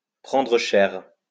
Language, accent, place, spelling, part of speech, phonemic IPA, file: French, France, Lyon, prendre cher, verb, /pʁɑ̃.dʁə ʃɛʁ/, LL-Q150 (fra)-prendre cher.wav
- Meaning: 1. to charge a lot 2. to pay dearly; to catch hell: to get a heavy prison sentence 3. to pay dearly; to catch hell: to suffer a lot of damage, a lot of wear